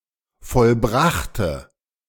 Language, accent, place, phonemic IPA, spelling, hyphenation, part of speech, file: German, Germany, Berlin, /fɔlˈbʁaxtə/, vollbrachte, voll‧brach‧te, verb, De-vollbrachte.ogg
- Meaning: inflection of vollbracht: 1. strong/mixed nominative/accusative feminine singular 2. strong nominative/accusative plural 3. weak nominative all-gender singular